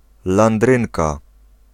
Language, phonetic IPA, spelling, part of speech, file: Polish, [lãnˈdrɨ̃nka], landrynka, noun, Pl-landrynka.ogg